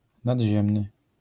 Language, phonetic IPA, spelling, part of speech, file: Polish, [nadʲˈʑɛ̃mnɨ], nadziemny, adjective, LL-Q809 (pol)-nadziemny.wav